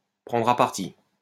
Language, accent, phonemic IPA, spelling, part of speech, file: French, France, /pʁɑ̃.dʁ‿a paʁ.ti/, prendre à partie, verb, LL-Q150 (fra)-prendre à partie.wav
- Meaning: to take to task, to set about, to tackle, to challenge, to take on, to mistreat, to rough up